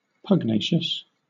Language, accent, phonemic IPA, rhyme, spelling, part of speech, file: English, Southern England, /pʌɡˈneɪ.ʃəs/, -eɪʃəs, pugnacious, adjective, LL-Q1860 (eng)-pugnacious.wav
- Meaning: Naturally aggressive or hostile; combative; belligerent; bellicose